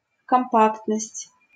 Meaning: compactness
- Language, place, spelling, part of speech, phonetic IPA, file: Russian, Saint Petersburg, компактность, noun, [kɐmˈpaktnəsʲtʲ], LL-Q7737 (rus)-компактность.wav